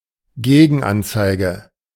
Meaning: contraindication
- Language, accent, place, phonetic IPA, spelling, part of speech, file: German, Germany, Berlin, [ˈɡeːɡn̩ˌʔant͡saɪ̯ɡə], Gegenanzeige, noun, De-Gegenanzeige.ogg